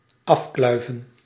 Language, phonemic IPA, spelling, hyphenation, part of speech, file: Dutch, /ˈɑfklœy̯və(n)/, afkluiven, af‧klui‧ven, verb, Nl-afkluiven.ogg
- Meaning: to gnaw (e.g. meat off a bone)